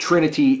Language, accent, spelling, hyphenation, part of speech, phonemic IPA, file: English, General American, trinity, tri‧ni‧ty, noun, /ˈtɹɪnəti/, En-us-trinity.ogg
- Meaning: 1. A group or set of three people or things; three things combined into one 2. The state of being three; independence of three things; things divided into three